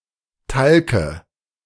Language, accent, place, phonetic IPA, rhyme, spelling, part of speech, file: German, Germany, Berlin, [ˈtalkə], -alkə, Talke, proper noun / noun, De-Talke.ogg
- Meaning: dative of Talk